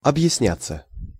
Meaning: 1. to explain oneself 2. to be accounted for 3. to make oneself understood 4. passive of объясня́ть (obʺjasnjátʹ)
- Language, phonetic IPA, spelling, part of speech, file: Russian, [ɐbjɪsˈnʲat͡sːə], объясняться, verb, Ru-объясняться.ogg